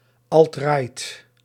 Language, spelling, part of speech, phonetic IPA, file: Dutch, alt-right, noun / adjective, [ɑltˈraɪ̯t], Nl-alt-right.ogg
- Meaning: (noun) alt-right